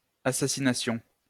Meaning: first-person plural imperfect subjunctive of assassiner
- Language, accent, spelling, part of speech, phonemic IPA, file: French, France, assassinassions, verb, /a.sa.si.na.sjɔ̃/, LL-Q150 (fra)-assassinassions.wav